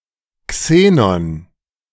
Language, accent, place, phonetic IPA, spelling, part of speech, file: German, Germany, Berlin, [ˈkseːnɔn], Xenon, noun, De-Xenon.ogg
- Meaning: xenon